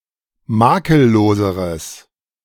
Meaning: strong/mixed nominative/accusative neuter singular comparative degree of makellos
- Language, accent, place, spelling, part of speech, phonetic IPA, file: German, Germany, Berlin, makelloseres, adjective, [ˈmaːkəlˌloːzəʁəs], De-makelloseres.ogg